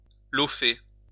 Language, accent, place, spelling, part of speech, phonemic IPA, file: French, France, Lyon, lofer, verb, /lɔ.fe/, LL-Q150 (fra)-lofer.wav
- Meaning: 1. to luff 2. to luff up, bear up